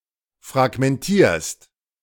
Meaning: second-person singular present of fragmentieren
- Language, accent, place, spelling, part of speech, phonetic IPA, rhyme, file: German, Germany, Berlin, fragmentierst, verb, [fʁaɡmɛnˈtiːɐ̯st], -iːɐ̯st, De-fragmentierst.ogg